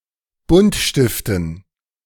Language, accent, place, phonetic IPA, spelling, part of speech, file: German, Germany, Berlin, [ˈbʊntˌʃtɪftn̩], Buntstiften, noun, De-Buntstiften.ogg
- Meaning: dative plural of Buntstift